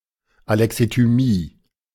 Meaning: alexithymia
- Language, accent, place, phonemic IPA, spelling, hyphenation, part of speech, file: German, Germany, Berlin, /aˌlɛksityˈmiː/, Alexithymie, Ale‧xi‧thy‧mie, noun, De-Alexithymie.ogg